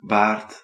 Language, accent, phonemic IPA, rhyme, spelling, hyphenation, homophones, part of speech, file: Dutch, Belgium, /baːrt/, -aːrt, baard, baard, Baard, noun, Nl-baard.ogg
- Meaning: 1. beard (mass of facial hair that includes chin hair) 2. key bit 3. awn, beard 4. baleen, whalebone